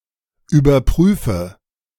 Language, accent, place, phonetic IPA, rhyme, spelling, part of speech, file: German, Germany, Berlin, [yːbɐˈpʁyːfə], -yːfə, überprüfe, verb, De-überprüfe.ogg
- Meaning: inflection of überprüfen: 1. first-person singular present 2. first/third-person singular subjunctive I 3. singular imperative